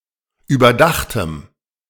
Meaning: strong dative masculine/neuter singular of überdacht
- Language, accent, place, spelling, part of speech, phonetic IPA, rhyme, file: German, Germany, Berlin, überdachtem, adjective, [yːbɐˈdaxtəm], -axtəm, De-überdachtem.ogg